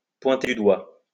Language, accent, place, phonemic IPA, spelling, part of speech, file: French, France, Lyon, /pwɛ̃.te dy dwa/, pointer du doigt, verb, LL-Q150 (fra)-pointer du doigt.wav
- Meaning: to point out, to indicate; to point at; to point the finger at, to blame, to accuse, to incriminate